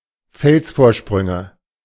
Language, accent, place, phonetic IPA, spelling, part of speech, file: German, Germany, Berlin, [ˈfɛlsfoːɐ̯ˌʃpʁʏŋə], Felsvorsprünge, noun, De-Felsvorsprünge.ogg
- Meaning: nominative/accusative/genitive plural of Felsvorsprung